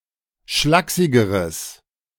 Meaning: strong/mixed nominative/accusative neuter singular comparative degree of schlaksig
- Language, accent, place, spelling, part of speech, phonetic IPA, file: German, Germany, Berlin, schlaksigeres, adjective, [ˈʃlaːksɪɡəʁəs], De-schlaksigeres.ogg